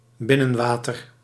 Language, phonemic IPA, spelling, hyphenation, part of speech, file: Dutch, /ˈbɪ.nə(n)ˌʋaː.tər/, binnenwater, bin‧nen‧wa‧ter, noun, Nl-binnenwater.ogg
- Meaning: 1. inland water, an interior waterway or body of water (as opposed to the sea or ocean) 2. the water within a polder